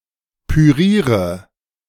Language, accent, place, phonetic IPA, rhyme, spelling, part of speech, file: German, Germany, Berlin, [pyˈʁiːʁə], -iːʁə, püriere, verb, De-püriere.ogg
- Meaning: inflection of pürieren: 1. first-person singular present 2. singular imperative 3. first/third-person singular subjunctive I